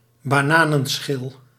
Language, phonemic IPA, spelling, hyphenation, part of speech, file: Dutch, /baːˈnaː.nə(n)ˌsxɪl/, bananenschil, ba‧na‧nen‧schil, noun, Nl-bananenschil.ogg
- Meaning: banana peel